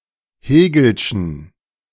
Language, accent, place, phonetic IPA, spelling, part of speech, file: German, Germany, Berlin, [ˈheːɡl̩ʃn̩], hegelschen, adjective, De-hegelschen.ogg
- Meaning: inflection of hegelsch: 1. strong genitive masculine/neuter singular 2. weak/mixed genitive/dative all-gender singular 3. strong/weak/mixed accusative masculine singular 4. strong dative plural